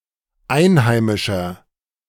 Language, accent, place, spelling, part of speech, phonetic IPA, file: German, Germany, Berlin, einheimischer, adjective, [ˈaɪ̯nˌhaɪ̯mɪʃɐ], De-einheimischer.ogg
- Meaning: inflection of einheimisch: 1. strong/mixed nominative masculine singular 2. strong genitive/dative feminine singular 3. strong genitive plural